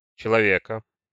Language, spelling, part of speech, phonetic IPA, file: Russian, человека, noun, [t͡ɕɪɫɐˈvʲekə], Ru-человека.ogg
- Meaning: accusative/genitive singular of челове́к (čelovék)